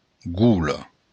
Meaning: 1. snout, face 2. opening 3. mouth
- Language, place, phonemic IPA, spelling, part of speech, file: Occitan, Béarn, /ˈɡola/, gola, noun, LL-Q14185 (oci)-gola.wav